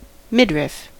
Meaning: The middle section of the human torso, from below the chest to above the waist; the abdomen and its back part
- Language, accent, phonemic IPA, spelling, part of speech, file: English, US, /ˈmɪdɹɪf/, midriff, noun, En-us-midriff.ogg